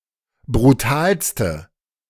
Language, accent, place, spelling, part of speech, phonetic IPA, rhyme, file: German, Germany, Berlin, brutalste, adjective, [bʁuˈtaːlstə], -aːlstə, De-brutalste.ogg
- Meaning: inflection of brutal: 1. strong/mixed nominative/accusative feminine singular superlative degree 2. strong nominative/accusative plural superlative degree